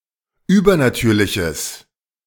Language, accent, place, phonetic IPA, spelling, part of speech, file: German, Germany, Berlin, [ˈyːbɐnaˌtyːɐ̯lɪçəs], übernatürliches, adjective, De-übernatürliches.ogg
- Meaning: strong/mixed nominative/accusative neuter singular of übernatürlich